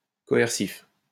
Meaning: coercive
- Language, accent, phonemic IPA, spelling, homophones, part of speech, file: French, France, /kɔ.ɛʁ.sif/, coercif, coercifs, adjective, LL-Q150 (fra)-coercif.wav